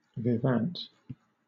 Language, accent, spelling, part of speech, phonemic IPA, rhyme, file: English, Southern England, vivant, noun, /vɪˈvænt/, -ænt, LL-Q1860 (eng)-vivant.wav
- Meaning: In mort, bridge, and similar games, the partner of dummy